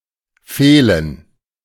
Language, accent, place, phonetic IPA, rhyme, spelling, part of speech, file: German, Germany, Berlin, [ˈfeːlən], -eːlən, Fehlen, noun, De-Fehlen.ogg
- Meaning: 1. gerund of fehlen 2. absence, dearth; absenteeism 3. default